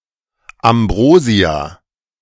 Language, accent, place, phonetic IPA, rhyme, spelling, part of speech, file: German, Germany, Berlin, [amˈbʁoːzi̯a], -oːzi̯a, Ambrosia, noun, De-Ambrosia.ogg
- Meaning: ambrosia (food of gods or delicious foods)